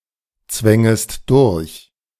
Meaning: second-person singular subjunctive I of durchzwängen
- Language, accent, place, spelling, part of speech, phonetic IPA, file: German, Germany, Berlin, zwängest durch, verb, [ˌt͡svɛŋəst ˈdʊʁç], De-zwängest durch.ogg